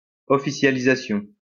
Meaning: officialization
- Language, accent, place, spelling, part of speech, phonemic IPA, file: French, France, Lyon, officialisation, noun, /ɔ.fi.sja.li.za.sjɔ̃/, LL-Q150 (fra)-officialisation.wav